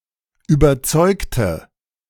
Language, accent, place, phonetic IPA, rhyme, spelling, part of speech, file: German, Germany, Berlin, [yːbɐˈt͡sɔɪ̯ktə], -ɔɪ̯ktə, überzeugte, adjective / verb, De-überzeugte.ogg
- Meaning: inflection of überzeugen: 1. first/third-person singular preterite 2. first/third-person singular subjunctive II